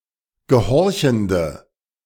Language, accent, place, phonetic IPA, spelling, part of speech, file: German, Germany, Berlin, [ɡəˈhɔʁçn̩də], gehorchende, adjective, De-gehorchende.ogg
- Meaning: inflection of gehorchend: 1. strong/mixed nominative/accusative feminine singular 2. strong nominative/accusative plural 3. weak nominative all-gender singular